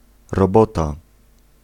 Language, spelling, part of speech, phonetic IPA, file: Polish, robota, noun, [rɔˈbɔta], Pl-robota.ogg